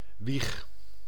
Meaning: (noun) 1. cradle 2. birthplace; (verb) inflection of wiegen: 1. first-person singular present indicative 2. second-person singular present indicative 3. imperative
- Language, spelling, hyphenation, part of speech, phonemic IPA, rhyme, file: Dutch, wieg, wieg, noun / verb, /ʋix/, -ix, Nl-wieg.ogg